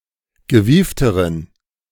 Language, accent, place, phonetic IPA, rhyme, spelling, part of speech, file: German, Germany, Berlin, [ɡəˈviːftəʁən], -iːftəʁən, gewiefteren, adjective, De-gewiefteren.ogg
- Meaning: inflection of gewieft: 1. strong genitive masculine/neuter singular comparative degree 2. weak/mixed genitive/dative all-gender singular comparative degree